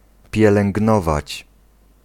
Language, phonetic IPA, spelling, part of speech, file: Polish, [ˌpʲjɛlɛ̃ŋɡˈnɔvat͡ɕ], pielęgnować, verb, Pl-pielęgnować.ogg